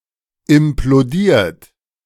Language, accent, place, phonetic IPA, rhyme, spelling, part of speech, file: German, Germany, Berlin, [ɪmploˈdiːɐ̯t], -iːɐ̯t, implodiert, verb, De-implodiert.ogg
- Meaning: 1. past participle of implodieren 2. inflection of implodieren: third-person singular present 3. inflection of implodieren: second-person plural present 4. inflection of implodieren: plural imperative